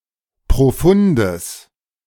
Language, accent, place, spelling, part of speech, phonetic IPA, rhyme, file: German, Germany, Berlin, profundes, adjective, [pʁoˈfʊndəs], -ʊndəs, De-profundes.ogg
- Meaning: strong/mixed nominative/accusative neuter singular of profund